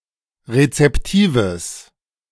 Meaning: strong/mixed nominative/accusative neuter singular of rezeptiv
- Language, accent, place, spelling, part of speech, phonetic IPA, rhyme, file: German, Germany, Berlin, rezeptives, adjective, [ʁet͡sɛpˈtiːvəs], -iːvəs, De-rezeptives.ogg